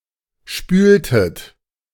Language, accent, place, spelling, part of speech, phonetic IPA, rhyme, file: German, Germany, Berlin, spültet, verb, [ˈʃpyːltət], -yːltət, De-spültet.ogg
- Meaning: inflection of spülen: 1. second-person plural preterite 2. second-person plural subjunctive II